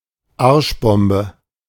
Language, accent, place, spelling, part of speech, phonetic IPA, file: German, Germany, Berlin, Arschbombe, noun, [ˈaʁʃˌbɔmbə], De-Arschbombe.ogg
- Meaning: cannonball (kind of jump intended to create a large splash)